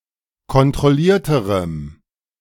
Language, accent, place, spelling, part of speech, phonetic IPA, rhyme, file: German, Germany, Berlin, kontrollierterem, adjective, [kɔntʁɔˈliːɐ̯təʁəm], -iːɐ̯təʁəm, De-kontrollierterem.ogg
- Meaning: strong dative masculine/neuter singular comparative degree of kontrolliert